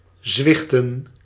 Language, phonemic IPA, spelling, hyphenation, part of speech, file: Dutch, /ˈzʋɪx.tə(n)/, zwichten, zwich‧ten, verb, Nl-zwichten.ogg
- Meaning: to yield